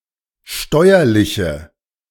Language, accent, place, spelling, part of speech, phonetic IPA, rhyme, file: German, Germany, Berlin, steuerliche, adjective, [ˈʃtɔɪ̯ɐlɪçə], -ɔɪ̯ɐlɪçə, De-steuerliche.ogg
- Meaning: inflection of steuerlich: 1. strong/mixed nominative/accusative feminine singular 2. strong nominative/accusative plural 3. weak nominative all-gender singular